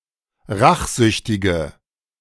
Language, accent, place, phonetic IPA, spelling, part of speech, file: German, Germany, Berlin, [ˈʁaxˌzʏçtɪɡə], rachsüchtige, adjective, De-rachsüchtige.ogg
- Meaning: inflection of rachsüchtig: 1. strong/mixed nominative/accusative feminine singular 2. strong nominative/accusative plural 3. weak nominative all-gender singular